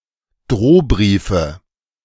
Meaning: 1. nominative/accusative/genitive plural of Drohbrief 2. dative of Drohbrief
- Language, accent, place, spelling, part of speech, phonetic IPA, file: German, Germany, Berlin, Drohbriefe, noun, [ˈdʁoːˌbʁiːfə], De-Drohbriefe.ogg